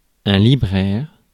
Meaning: bookseller (person engaged in the business of selling books)
- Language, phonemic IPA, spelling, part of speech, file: French, /li.bʁɛʁ/, libraire, noun, Fr-libraire.ogg